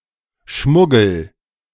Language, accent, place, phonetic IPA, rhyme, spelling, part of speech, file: German, Germany, Berlin, [ˈʃmʊɡl̩], -ʊɡl̩, schmuggel, verb, De-schmuggel.ogg
- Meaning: inflection of schmuggeln: 1. first-person singular present 2. singular imperative